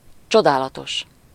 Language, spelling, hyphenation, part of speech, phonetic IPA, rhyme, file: Hungarian, csodálatos, cso‧dá‧la‧tos, adjective, [ˈt͡ʃodaːlɒtoʃ], -oʃ, Hu-csodálatos.ogg
- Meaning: wonderful, marvelous, amazing